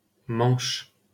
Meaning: 1. Manche (a department of Normandy, France) 2. the English Channel (an arm of the Atlantic Ocean between France and England)
- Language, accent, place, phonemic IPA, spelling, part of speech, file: French, France, Paris, /mɑ̃ʃ/, Manche, proper noun, LL-Q150 (fra)-Manche.wav